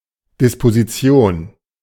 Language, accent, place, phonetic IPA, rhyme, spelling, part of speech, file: German, Germany, Berlin, [ˌdɪspoziˈt͡si̯oːn], -oːn, Disposition, noun, De-Disposition.ogg
- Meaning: 1. disposal 2. scheduling